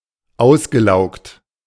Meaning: past participle of auslaugen
- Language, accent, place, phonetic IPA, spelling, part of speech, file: German, Germany, Berlin, [ˈaʊ̯sɡəˌlaʊ̯kt], ausgelaugt, verb, De-ausgelaugt.ogg